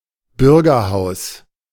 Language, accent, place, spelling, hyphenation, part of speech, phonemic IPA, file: German, Germany, Berlin, Bürgerhaus, Bür‧ger‧haus, noun, /ˈbʏʁɡɐˌhaʊ̯s/, De-Bürgerhaus.ogg
- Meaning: 1. a public building used for civic events 2. manor house, mansion